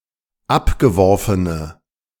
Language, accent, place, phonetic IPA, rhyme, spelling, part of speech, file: German, Germany, Berlin, [ˈapɡəˌvɔʁfənə], -apɡəvɔʁfənə, abgeworfene, adjective, De-abgeworfene.ogg
- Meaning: inflection of abgeworfen: 1. strong/mixed nominative/accusative feminine singular 2. strong nominative/accusative plural 3. weak nominative all-gender singular